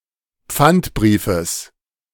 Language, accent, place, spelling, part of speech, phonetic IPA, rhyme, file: German, Germany, Berlin, Pfandbriefes, noun, [ˈp͡fantˌbʁiːfəs], -antbʁiːfəs, De-Pfandbriefes.ogg
- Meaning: genitive singular of Pfandbrief